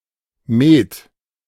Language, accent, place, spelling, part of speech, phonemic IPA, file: German, Germany, Berlin, Met, noun, /meːt/, De-Met.ogg
- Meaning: mead